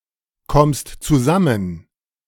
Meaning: second-person singular present of zusammenkommen
- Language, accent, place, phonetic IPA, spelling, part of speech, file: German, Germany, Berlin, [ˌkɔmst t͡suˈzamən], kommst zusammen, verb, De-kommst zusammen.ogg